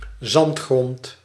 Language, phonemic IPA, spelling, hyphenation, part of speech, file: Dutch, /ˈzɑnt.xrɔnt/, zandgrond, zand‧grond, noun, Nl-zandgrond.ogg
- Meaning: sandy soil